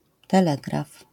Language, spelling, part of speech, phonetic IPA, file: Polish, telegraf, noun, [tɛˈlɛɡraf], LL-Q809 (pol)-telegraf.wav